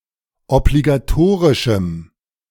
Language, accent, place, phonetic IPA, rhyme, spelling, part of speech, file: German, Germany, Berlin, [ɔbliɡaˈtoːʁɪʃm̩], -oːʁɪʃm̩, obligatorischem, adjective, De-obligatorischem.ogg
- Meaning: strong dative masculine/neuter singular of obligatorisch